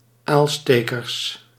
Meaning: plural of aalsteker
- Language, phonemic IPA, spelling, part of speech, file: Dutch, /ˈalstekərs/, aalstekers, noun, Nl-aalstekers.ogg